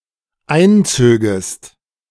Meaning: second-person singular dependent subjunctive II of einziehen
- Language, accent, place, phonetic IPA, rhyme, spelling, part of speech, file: German, Germany, Berlin, [ˈaɪ̯nˌt͡søːɡəst], -aɪ̯nt͡søːɡəst, einzögest, verb, De-einzögest.ogg